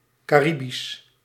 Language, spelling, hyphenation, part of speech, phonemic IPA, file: Dutch, Caribisch, Ca‧ri‧bisch, adjective, /ˌkaːˈri.bis/, Nl-Caribisch.ogg
- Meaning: 1. Caribbean 2. Cariban